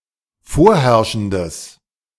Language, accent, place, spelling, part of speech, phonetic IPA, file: German, Germany, Berlin, vorherrschendes, adjective, [ˈfoːɐ̯ˌhɛʁʃn̩dəs], De-vorherrschendes.ogg
- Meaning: strong/mixed nominative/accusative neuter singular of vorherrschend